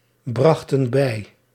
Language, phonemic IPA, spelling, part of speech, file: Dutch, /ˈbrɑxtə(n) ˈbɛi/, brachten bij, verb, Nl-brachten bij.ogg
- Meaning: inflection of bijbrengen: 1. plural past indicative 2. plural past subjunctive